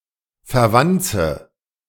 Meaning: inflection of verwanzen: 1. first-person singular present 2. first/third-person singular subjunctive I 3. singular imperative
- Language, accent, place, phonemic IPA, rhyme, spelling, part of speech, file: German, Germany, Berlin, /fɛʁˈvantsə/, -antsə, verwanze, verb, De-verwanze.ogg